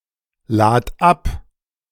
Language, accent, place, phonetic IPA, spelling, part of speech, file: German, Germany, Berlin, [ˌlaːt ˈap], lad ab, verb, De-lad ab.ogg
- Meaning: singular imperative of abladen